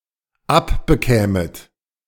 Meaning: second-person plural dependent subjunctive II of abbekommen
- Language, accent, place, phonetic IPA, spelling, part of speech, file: German, Germany, Berlin, [ˈapbəˌkɛːmət], abbekämet, verb, De-abbekämet.ogg